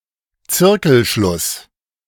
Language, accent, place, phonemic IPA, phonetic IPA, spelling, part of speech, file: German, Germany, Berlin, /ˈt͡sɪrkəlʃlʊs/, [ˈt͡sɪʁkl̩ʃlʊs], Zirkelschluss, noun, De-Zirkelschluss.ogg
- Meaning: begging the question, circular reasoning, circular argument (a type of argument)